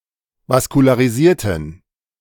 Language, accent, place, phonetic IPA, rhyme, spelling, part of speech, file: German, Germany, Berlin, [vaskulaːʁiˈziːɐ̯tn̩], -iːɐ̯tn̩, vaskularisierten, adjective, De-vaskularisierten.ogg
- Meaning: inflection of vaskularisiert: 1. strong genitive masculine/neuter singular 2. weak/mixed genitive/dative all-gender singular 3. strong/weak/mixed accusative masculine singular 4. strong dative plural